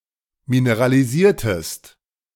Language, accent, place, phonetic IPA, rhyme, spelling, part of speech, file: German, Germany, Berlin, [minəʁaliˈziːɐ̯təst], -iːɐ̯təst, mineralisiertest, verb, De-mineralisiertest.ogg
- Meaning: inflection of mineralisieren: 1. second-person singular preterite 2. second-person singular subjunctive II